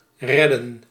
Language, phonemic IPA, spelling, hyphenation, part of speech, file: Dutch, /ˈrɛ.də(n)/, redden, red‧den, verb, Nl-redden.ogg
- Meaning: 1. to save, rescue 2. to manage, cope, be fine